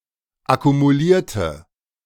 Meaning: inflection of akkumulieren: 1. first/third-person singular preterite 2. first/third-person singular subjunctive II
- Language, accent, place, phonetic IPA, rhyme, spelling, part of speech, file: German, Germany, Berlin, [akumuˈliːɐ̯tə], -iːɐ̯tə, akkumulierte, adjective / verb, De-akkumulierte.ogg